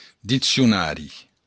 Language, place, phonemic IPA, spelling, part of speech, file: Occitan, Béarn, /dit͡sjuˈnaɾi/, diccionari, noun, LL-Q14185 (oci)-diccionari.wav
- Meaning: dictionary